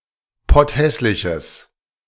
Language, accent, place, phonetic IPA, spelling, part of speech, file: German, Germany, Berlin, [ˈpɔtˌhɛslɪçəs], potthässliches, adjective, De-potthässliches.ogg
- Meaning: strong/mixed nominative/accusative neuter singular of potthässlich